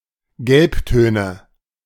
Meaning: nominative/accusative/genitive plural of Gelbton
- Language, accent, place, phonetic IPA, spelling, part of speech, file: German, Germany, Berlin, [ˈɡɛlpˌtøːnə], Gelbtöne, noun, De-Gelbtöne.ogg